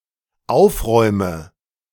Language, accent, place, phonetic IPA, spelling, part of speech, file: German, Germany, Berlin, [ˈaʊ̯fˌʁɔɪ̯mə], aufräume, verb, De-aufräume.ogg
- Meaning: inflection of aufräumen: 1. first-person singular dependent present 2. first/third-person singular dependent subjunctive I